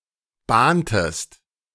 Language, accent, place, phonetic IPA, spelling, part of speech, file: German, Germany, Berlin, [ˈbaːntəst], bahntest, verb, De-bahntest.ogg
- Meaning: inflection of bahnen: 1. second-person singular preterite 2. second-person singular subjunctive II